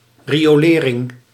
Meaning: sewerage
- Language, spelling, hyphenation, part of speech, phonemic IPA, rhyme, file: Dutch, riolering, ri‧o‧le‧ring, noun, /ˌri.oːˈleː.rɪŋ/, -eːrɪŋ, Nl-riolering.ogg